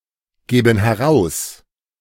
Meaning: inflection of herausgeben: 1. first/third-person plural present 2. first/third-person plural subjunctive I
- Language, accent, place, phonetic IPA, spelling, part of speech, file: German, Germany, Berlin, [ˌɡeːbn̩ hɛˈʁaʊ̯s], geben heraus, verb, De-geben heraus.ogg